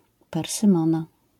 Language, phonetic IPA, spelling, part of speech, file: Polish, [ˌpɛrsɨ̃ˈmɔ̃na], persymona, noun, LL-Q809 (pol)-persymona.wav